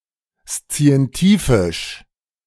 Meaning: scientific
- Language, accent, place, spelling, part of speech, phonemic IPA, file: German, Germany, Berlin, szientifisch, adjective, /st͡si̯ɛnˈtiːfɪʃ/, De-szientifisch.ogg